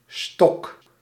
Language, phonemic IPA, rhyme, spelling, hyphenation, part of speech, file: Dutch, /stɔk/, -ɔk, stok, stok, noun / verb, Nl-stok.ogg
- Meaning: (noun) 1. stick, natural (wood) or artificial 2. cane 3. deck, stock (set of playing cards) 4. stock, supply; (verb) inflection of stokken: first-person singular present indicative